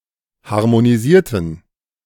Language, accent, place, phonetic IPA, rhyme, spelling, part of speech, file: German, Germany, Berlin, [haʁmoniˈziːɐ̯tn̩], -iːɐ̯tn̩, harmonisierten, adjective / verb, De-harmonisierten.ogg
- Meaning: inflection of harmonisieren: 1. first/third-person plural preterite 2. first/third-person plural subjunctive II